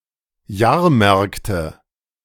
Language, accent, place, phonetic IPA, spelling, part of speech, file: German, Germany, Berlin, [ˈjaːɐ̯ˌmɛʁktə], Jahrmärkte, noun, De-Jahrmärkte.ogg
- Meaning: nominative/accusative/genitive plural of Jahrmarkt